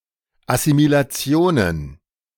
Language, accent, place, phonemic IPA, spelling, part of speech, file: German, Germany, Berlin, /ʔasimilaˈtsi̯oːnən/, Assimilationen, noun, De-Assimilationen.ogg
- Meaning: plural of Assimilation